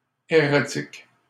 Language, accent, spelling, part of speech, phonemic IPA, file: French, Canada, erratique, adjective, /e.ʁa.tik/, LL-Q150 (fra)-erratique.wav
- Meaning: 1. erratic 2. irregular, intermittent